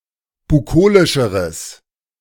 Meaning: strong/mixed nominative/accusative neuter singular comparative degree of bukolisch
- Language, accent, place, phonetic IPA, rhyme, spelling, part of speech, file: German, Germany, Berlin, [buˈkoːlɪʃəʁəs], -oːlɪʃəʁəs, bukolischeres, adjective, De-bukolischeres.ogg